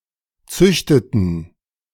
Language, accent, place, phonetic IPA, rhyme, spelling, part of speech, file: German, Germany, Berlin, [ˈt͡sʏçtətn̩], -ʏçtətn̩, züchteten, verb, De-züchteten.ogg
- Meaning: inflection of züchten: 1. first/third-person plural preterite 2. first/third-person plural subjunctive II